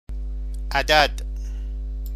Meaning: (classifier) classifier for units of an object; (noun) number (entity representing quantity): 1. numeral (word representing a number) 2. digit, numeral (symbol representing a number)
- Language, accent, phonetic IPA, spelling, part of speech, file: Persian, Iran, [ʔæ.d̪ǽd̪̥], عدد, classifier / noun, Fa-عدد.ogg